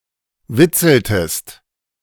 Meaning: inflection of witzeln: 1. second-person singular preterite 2. second-person singular subjunctive II
- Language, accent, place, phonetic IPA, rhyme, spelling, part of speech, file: German, Germany, Berlin, [ˈvɪt͡sl̩təst], -ɪt͡sl̩təst, witzeltest, verb, De-witzeltest.ogg